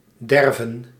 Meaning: to lack, want
- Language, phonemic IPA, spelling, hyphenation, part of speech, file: Dutch, /ˈdɛrvə(n)/, derven, der‧ven, verb, Nl-derven.ogg